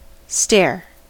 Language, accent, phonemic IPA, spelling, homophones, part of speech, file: English, US, /stɛɚ/, stair, stare, noun, En-us-stair.ogg
- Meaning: 1. A single step in a staircase 2. A series of steps; a staircase